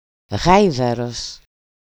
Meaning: 1. donkey, ass, Equus asinus 2. lout, boor, ass, jackass, pig, jerk (an uncultred, ill-bred man)
- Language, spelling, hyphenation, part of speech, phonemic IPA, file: Greek, γάιδαρος, γάι‧δα‧ρος, noun, /ˈɣai̯.ða.ɾos/, EL-γάιδαρος.ogg